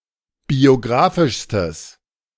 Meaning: strong/mixed nominative/accusative neuter singular superlative degree of biografisch
- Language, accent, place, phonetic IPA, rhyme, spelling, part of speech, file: German, Germany, Berlin, [bioˈɡʁaːfɪʃstəs], -aːfɪʃstəs, biografischstes, adjective, De-biografischstes.ogg